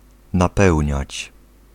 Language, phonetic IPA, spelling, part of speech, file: Polish, [naˈpɛwʲɲät͡ɕ], napełniać, verb, Pl-napełniać.ogg